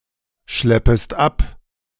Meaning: second-person singular subjunctive I of abschleppen
- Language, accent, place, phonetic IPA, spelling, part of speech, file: German, Germany, Berlin, [ˌʃlɛpəst ˈap], schleppest ab, verb, De-schleppest ab.ogg